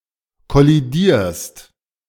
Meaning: second-person singular present of kollidieren
- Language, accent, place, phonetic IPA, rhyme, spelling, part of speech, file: German, Germany, Berlin, [kɔliˈdiːɐ̯st], -iːɐ̯st, kollidierst, verb, De-kollidierst.ogg